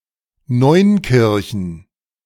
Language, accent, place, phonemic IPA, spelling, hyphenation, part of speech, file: German, Germany, Berlin, /ˈnɔɪ̯nkɪʁçn̩/, Neunkirchen, Neun‧kir‧chen, proper noun, De-Neunkirchen.ogg
- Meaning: 1. a town in Neunkirchen district, Saarland, Germany 2. a rural district of Saarland; seat: Ottweiler 3. a town and district of Lower Austria, Austria